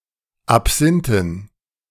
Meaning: dative plural of Absinth
- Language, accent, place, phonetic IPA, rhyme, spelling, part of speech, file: German, Germany, Berlin, [apˈz̥ɪntn̩], -ɪntn̩, Absinthen, noun, De-Absinthen.ogg